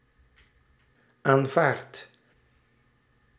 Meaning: inflection of aanvaarden: 1. first-person singular present indicative 2. second-person singular present indicative 3. imperative
- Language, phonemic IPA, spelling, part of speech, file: Dutch, /aɱˈvart/, aanvaard, verb / adjective, Nl-aanvaard.ogg